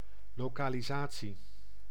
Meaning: localization (act of localizing, state of being localized)
- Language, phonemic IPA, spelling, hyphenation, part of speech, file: Dutch, /ˌloː.kaː.liˈzaː.(t)si/, lokalisatie, lo‧ka‧li‧sa‧tie, noun, Nl-lokalisatie.ogg